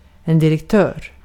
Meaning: 1. manager; boss or leader (of a company) 2. director (in the European Union)
- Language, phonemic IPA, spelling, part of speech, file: Swedish, /dɪrɛkˈtøːr/, direktör, noun, Sv-direktör.ogg